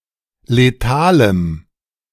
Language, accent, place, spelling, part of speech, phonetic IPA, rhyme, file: German, Germany, Berlin, letalem, adjective, [leˈtaːləm], -aːləm, De-letalem.ogg
- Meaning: strong dative masculine/neuter singular of letal